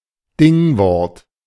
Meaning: noun
- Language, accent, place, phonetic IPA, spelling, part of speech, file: German, Germany, Berlin, [ˈdɪŋˌvɔʁt], Dingwort, noun, De-Dingwort.ogg